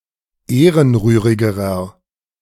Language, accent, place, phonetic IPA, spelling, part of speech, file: German, Germany, Berlin, [ˈeːʁənˌʁyːʁɪɡəʁɐ], ehrenrührigerer, adjective, De-ehrenrührigerer.ogg
- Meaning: inflection of ehrenrührig: 1. strong/mixed nominative masculine singular comparative degree 2. strong genitive/dative feminine singular comparative degree 3. strong genitive plural comparative degree